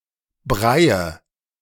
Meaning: nominative/accusative/genitive plural of Brei
- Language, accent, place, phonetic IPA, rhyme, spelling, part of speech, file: German, Germany, Berlin, [ˈbʁaɪ̯ə], -aɪ̯ə, Breie, noun, De-Breie.ogg